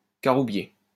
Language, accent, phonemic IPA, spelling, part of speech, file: French, France, /ka.ʁu.bje/, caroubier, noun, LL-Q150 (fra)-caroubier.wav
- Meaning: carob (tree)